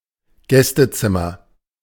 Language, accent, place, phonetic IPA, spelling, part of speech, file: German, Germany, Berlin, [ˈɡɛstəˌt͡sɪmɐ], Gästezimmer, noun, De-Gästezimmer.ogg
- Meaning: guest room